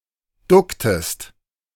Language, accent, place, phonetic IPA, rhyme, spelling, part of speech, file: German, Germany, Berlin, [ˈdʊktəst], -ʊktəst, ducktest, verb, De-ducktest.ogg
- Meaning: inflection of ducken: 1. second-person singular preterite 2. second-person singular subjunctive II